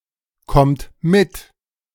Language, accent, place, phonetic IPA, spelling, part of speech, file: German, Germany, Berlin, [ˌkɔmt ˈmɪt], kommt mit, verb, De-kommt mit.ogg
- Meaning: inflection of mitkommen: 1. third-person singular present 2. second-person plural present 3. plural imperative